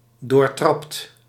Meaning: 1. shrewd, cunning 2. mean, malevolent
- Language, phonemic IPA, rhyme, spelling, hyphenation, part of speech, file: Dutch, /doːrˈtrɑpt/, -ɑpt, doortrapt, door‧trapt, adjective, Nl-doortrapt.ogg